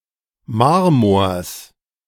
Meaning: genitive singular of Marmor
- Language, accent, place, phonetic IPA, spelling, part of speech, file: German, Germany, Berlin, [ˈmaʁmoːɐ̯s], Marmors, noun, De-Marmors.ogg